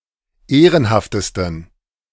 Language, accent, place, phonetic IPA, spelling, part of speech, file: German, Germany, Berlin, [ˈeːʁənhaftəstn̩], ehrenhaftesten, adjective, De-ehrenhaftesten.ogg
- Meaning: 1. superlative degree of ehrenhaft 2. inflection of ehrenhaft: strong genitive masculine/neuter singular superlative degree